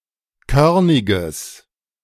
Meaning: strong/mixed nominative/accusative neuter singular of körnig
- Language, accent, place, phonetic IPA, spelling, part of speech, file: German, Germany, Berlin, [ˈkœʁnɪɡəs], körniges, adjective, De-körniges.ogg